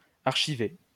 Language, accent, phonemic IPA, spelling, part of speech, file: French, France, /aʁ.ʃi.ve/, archiver, verb, LL-Q150 (fra)-archiver.wav
- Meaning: to archive